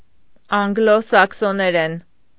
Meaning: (noun) alternative form of անգլոսաքսոներեն (anglosakʻsoneren)
- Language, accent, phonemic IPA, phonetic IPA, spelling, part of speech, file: Armenian, Eastern Armenian, /ɑnɡˈlo sɑkʰsoneˈɾen/, [ɑŋɡló sɑkʰsoneɾén], անգլո-սաքսոներեն, noun / adverb / adjective, Hy-անգլո-սաքսոներեն.ogg